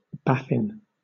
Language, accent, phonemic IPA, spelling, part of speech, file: English, Southern England, /ˈbæfɪn/, Baffin, proper noun, LL-Q1860 (eng)-Baffin.wav
- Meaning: 1. An English surname 2. A region of Nunavut 3. An island of Nunavut, Baffin Island 4. Baffin Bay